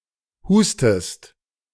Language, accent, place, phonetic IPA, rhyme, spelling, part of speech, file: German, Germany, Berlin, [ˈhuːstəst], -uːstəst, hustest, verb, De-hustest.ogg
- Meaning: inflection of husten: 1. second-person singular present 2. second-person singular subjunctive I